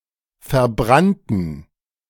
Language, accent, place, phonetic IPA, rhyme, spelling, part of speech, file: German, Germany, Berlin, [fɛɐ̯ˈbʁantn̩], -antn̩, verbrannten, adjective / verb, De-verbrannten.ogg
- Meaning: inflection of verbrannt: 1. strong genitive masculine/neuter singular 2. weak/mixed genitive/dative all-gender singular 3. strong/weak/mixed accusative masculine singular 4. strong dative plural